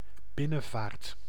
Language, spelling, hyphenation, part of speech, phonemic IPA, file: Dutch, binnenvaart, bin‧nen‧vaart, noun, /ˈbɪ.nə(n)ˌvaːrt/, Nl-binnenvaart.ogg
- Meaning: 1. inland navigation 2. waterway considered to be inside or internal to another area